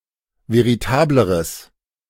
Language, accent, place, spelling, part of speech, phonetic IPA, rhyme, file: German, Germany, Berlin, veritableres, adjective, [veʁiˈtaːbləʁəs], -aːbləʁəs, De-veritableres.ogg
- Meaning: strong/mixed nominative/accusative neuter singular comparative degree of veritabel